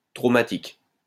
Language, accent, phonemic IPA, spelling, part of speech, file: French, France, /tʁo.ma.tik/, traumatique, adjective, LL-Q150 (fra)-traumatique.wav
- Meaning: traumatic